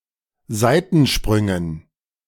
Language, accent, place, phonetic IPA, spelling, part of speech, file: German, Germany, Berlin, [ˈzaɪ̯tn̩ˌʃpʁʏŋən], Seitensprüngen, noun, De-Seitensprüngen.ogg
- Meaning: dative plural of Seitensprung